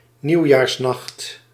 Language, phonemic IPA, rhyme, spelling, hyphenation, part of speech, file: Dutch, /ˌniu̯.jaːrsˈnɑxt/, -ɑxt, nieuwjaarsnacht, nieuw‧jaars‧nacht, noun, Nl-nieuwjaarsnacht.ogg
- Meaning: New Year's Eve (night from 31 December to 1 January)